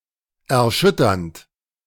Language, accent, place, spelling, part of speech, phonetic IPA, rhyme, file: German, Germany, Berlin, erschütternd, verb, [ɛɐ̯ˈʃʏtɐnt], -ʏtɐnt, De-erschütternd.ogg
- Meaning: present participle of erschüttern